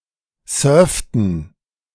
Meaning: inflection of surfen: 1. first/third-person plural preterite 2. first/third-person plural subjunctive II
- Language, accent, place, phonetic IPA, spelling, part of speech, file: German, Germany, Berlin, [ˈsœːɐ̯ftn̩], surften, verb, De-surften.ogg